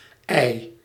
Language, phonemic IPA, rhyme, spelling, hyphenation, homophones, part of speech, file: Dutch, /ɛi̯/, -ɛi̯, IJ, IJ, ei, proper noun, Nl-IJ.ogg
- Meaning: the IJ